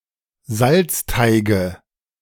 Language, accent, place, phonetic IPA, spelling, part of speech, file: German, Germany, Berlin, [ˈzalt͡sˌtaɪ̯ɡə], Salzteige, noun, De-Salzteige.ogg
- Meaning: nominative/accusative/genitive plural of Salzteig